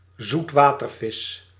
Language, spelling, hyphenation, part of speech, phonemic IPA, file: Dutch, zoetwatervis, zoet‧wa‧ter‧vis, noun, /zutˈʋaː.tərˌvɪs/, Nl-zoetwatervis.ogg
- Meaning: a fish (individual, species or other taxon) living in a fresh water environment